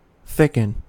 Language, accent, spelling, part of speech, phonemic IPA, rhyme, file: English, US, thicken, verb, /ˈθɪkən/, -ɪkən, En-us-thicken.ogg
- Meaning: 1. To make thicker (in the sense of wider) 2. To make thicker (in the sense of more viscous) 3. To become thicker (in the sense of wider) 4. To become thicker (in the sense of more viscous)